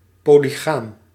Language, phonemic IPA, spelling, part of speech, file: Dutch, /ˌpoliˈɣam/, polygaam, adjective, Nl-polygaam.ogg
- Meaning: polygamous